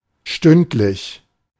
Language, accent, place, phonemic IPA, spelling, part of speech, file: German, Germany, Berlin, /ˈʃtʏntlɪç/, stündlich, adjective, De-stündlich.ogg
- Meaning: hourly